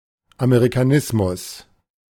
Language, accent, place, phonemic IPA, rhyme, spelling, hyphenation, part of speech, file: German, Germany, Berlin, /aˌmeʁikaˈnɪsmʊs/, -ɪsmʊs, Amerikanismus, Ame‧ri‧ka‧nis‧mus, noun, De-Amerikanismus.ogg
- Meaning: Americanism